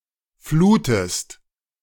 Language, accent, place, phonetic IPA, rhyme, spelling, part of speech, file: German, Germany, Berlin, [ˈfluːtəst], -uːtəst, flutest, verb, De-flutest.ogg
- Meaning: inflection of fluten: 1. second-person singular present 2. second-person singular subjunctive I